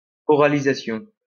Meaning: oralization/oralisation
- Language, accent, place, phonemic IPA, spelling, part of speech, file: French, France, Lyon, /ɔ.ʁa.li.za.sjɔ̃/, oralisation, noun, LL-Q150 (fra)-oralisation.wav